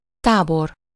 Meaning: 1. camp (an outdoor place acting as temporary accommodation in tents or other simple structures) 2. camp, encampment (a base of a military group, not necessarily temporary)
- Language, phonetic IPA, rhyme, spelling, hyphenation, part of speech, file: Hungarian, [ˈtaːbor], -or, tábor, tá‧bor, noun, Hu-tábor.ogg